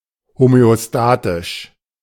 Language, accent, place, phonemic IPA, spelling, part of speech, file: German, Germany, Berlin, /homøoˈstaːtɪʃ/, homöostatisch, adjective, De-homöostatisch.ogg
- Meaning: homeostatic